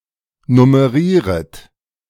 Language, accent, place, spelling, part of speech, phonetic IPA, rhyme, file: German, Germany, Berlin, nummerieret, verb, [nʊməˈʁiːʁət], -iːʁət, De-nummerieret.ogg
- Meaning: second-person plural subjunctive I of nummerieren